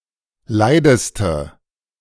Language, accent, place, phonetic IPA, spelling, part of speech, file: German, Germany, Berlin, [ˈlaɪ̯dəstə], leideste, adjective, De-leideste.ogg
- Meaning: inflection of leid: 1. strong/mixed nominative/accusative feminine singular superlative degree 2. strong nominative/accusative plural superlative degree